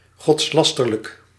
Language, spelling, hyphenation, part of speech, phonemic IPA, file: Dutch, godslasterlijk, gods‧las‧ter‧lijk, adjective, /ˌɣɔtsˈlɑs.tər.lək/, Nl-godslasterlijk.ogg
- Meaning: blasphemous